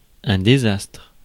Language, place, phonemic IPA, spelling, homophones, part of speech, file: French, Paris, /de.zastʁ/, désastre, désastres, noun, Fr-désastre.ogg
- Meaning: 1. disaster 2. bankruptcy, breakup